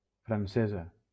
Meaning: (adjective) feminine of francès (Valencian: francés); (noun) female equivalent of francès (“Frenchman”)
- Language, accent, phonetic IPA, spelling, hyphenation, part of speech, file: Catalan, Valencia, [fɾanˈse.za], francesa, fran‧ce‧sa, adjective / noun, LL-Q7026 (cat)-francesa.wav